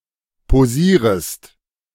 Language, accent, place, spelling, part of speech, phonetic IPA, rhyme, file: German, Germany, Berlin, posierest, verb, [poˈziːʁəst], -iːʁəst, De-posierest.ogg
- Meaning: second-person singular subjunctive I of posieren